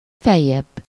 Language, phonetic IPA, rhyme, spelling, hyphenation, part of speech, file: Hungarian, [ˈfɛjːɛbː], -ɛbː, feljebb, fel‧jebb, adverb, Hu-feljebb.ogg
- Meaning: higher